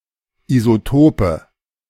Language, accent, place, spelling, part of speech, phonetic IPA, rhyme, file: German, Germany, Berlin, Isotope, noun, [izoˈtoːpə], -oːpə, De-Isotope.ogg
- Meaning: nominative/accusative/genitive plural of Isotop